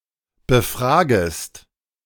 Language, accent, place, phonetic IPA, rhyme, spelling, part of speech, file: German, Germany, Berlin, [bəˈfʁaːɡəst], -aːɡəst, befragest, verb, De-befragest.ogg
- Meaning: second-person singular subjunctive I of befragen